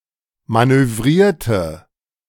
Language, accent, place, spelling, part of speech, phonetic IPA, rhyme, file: German, Germany, Berlin, manövrierte, adjective / verb, [ˌmanøˈvʁiːɐ̯tə], -iːɐ̯tə, De-manövrierte.ogg
- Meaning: inflection of manövrieren: 1. first/third-person singular preterite 2. first/third-person singular subjunctive II